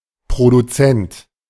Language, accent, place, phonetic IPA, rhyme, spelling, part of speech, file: German, Germany, Berlin, [pʁoduˈt͡sɛnt], -ɛnt, Produzent, noun, De-Produzent.ogg
- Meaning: producer